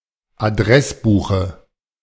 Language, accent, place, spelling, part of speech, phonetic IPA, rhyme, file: German, Germany, Berlin, Adressbuche, noun, [aˈdʁɛsˌbuːxə], -ɛsbuːxə, De-Adressbuche.ogg
- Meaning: dative of Adressbuch